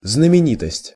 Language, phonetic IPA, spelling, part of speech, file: Russian, [znəmʲɪˈnʲitəsʲtʲ], знаменитость, noun, Ru-знаменитость.ogg
- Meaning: 1. fame 2. celebrity, star (person)